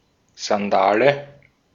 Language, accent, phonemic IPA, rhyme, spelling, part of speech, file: German, Austria, /zanˈdaːlə/, -aːlə, Sandale, noun, De-at-Sandale.ogg
- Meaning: sandal